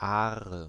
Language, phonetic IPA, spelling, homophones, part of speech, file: German, [ˈaːʁə], Aare, Are, proper noun, De-Aare.ogg
- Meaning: Aar (a river in Switzerland)